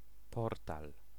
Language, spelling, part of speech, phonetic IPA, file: Polish, portal, noun, [ˈpɔrtal], Pl-portal.ogg